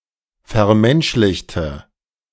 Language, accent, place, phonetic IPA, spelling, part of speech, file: German, Germany, Berlin, [fɛɐ̯ˈmɛnʃlɪçtə], vermenschlichte, adjective / verb, De-vermenschlichte.ogg
- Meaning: inflection of vermenschlichen: 1. first/third-person singular preterite 2. first/third-person singular subjunctive II